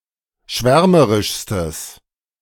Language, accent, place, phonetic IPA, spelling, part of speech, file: German, Germany, Berlin, [ˈʃvɛʁməʁɪʃstəs], schwärmerischstes, adjective, De-schwärmerischstes.ogg
- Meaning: strong/mixed nominative/accusative neuter singular superlative degree of schwärmerisch